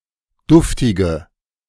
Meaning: inflection of duftig: 1. strong/mixed nominative/accusative feminine singular 2. strong nominative/accusative plural 3. weak nominative all-gender singular 4. weak accusative feminine/neuter singular
- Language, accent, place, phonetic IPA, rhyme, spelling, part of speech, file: German, Germany, Berlin, [ˈdʊftɪɡə], -ʊftɪɡə, duftige, adjective, De-duftige.ogg